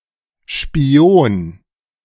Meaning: 1. spy 2. peephole
- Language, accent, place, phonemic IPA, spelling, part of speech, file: German, Germany, Berlin, /ʃpiˈoːn/, Spion, noun, De-Spion.ogg